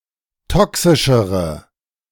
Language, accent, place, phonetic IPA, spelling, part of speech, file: German, Germany, Berlin, [ˈtɔksɪʃəʁə], toxischere, adjective, De-toxischere.ogg
- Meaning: inflection of toxisch: 1. strong/mixed nominative/accusative feminine singular comparative degree 2. strong nominative/accusative plural comparative degree